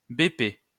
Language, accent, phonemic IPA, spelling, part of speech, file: French, France, /be.pe/, BP, noun, LL-Q150 (fra)-BP.wav
- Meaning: 1. initialism of boîte postale 2. FV: alternative form of B/P